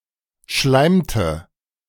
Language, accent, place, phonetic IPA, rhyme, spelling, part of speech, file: German, Germany, Berlin, [ˈʃlaɪ̯mtə], -aɪ̯mtə, schleimte, verb, De-schleimte.ogg
- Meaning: inflection of schleimen: 1. first/third-person singular preterite 2. first/third-person singular subjunctive II